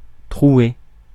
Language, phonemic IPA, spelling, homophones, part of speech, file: French, /tʁu.e/, trouer, trouai / troué / trouée / trouées / troués / trouez, verb, Fr-trouer.ogg
- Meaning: to hole, pierce